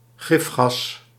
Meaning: poison gas
- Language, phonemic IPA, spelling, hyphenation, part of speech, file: Dutch, /ˈɣɪf.xɑs/, gifgas, gif‧gas, noun, Nl-gifgas.ogg